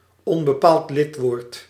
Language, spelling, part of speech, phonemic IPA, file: Dutch, onbepaald lidwoord, noun, /ˈɔmbəˌpalt ˈlɪtwort/, Nl-onbepaald lidwoord.ogg
- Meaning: indefinite article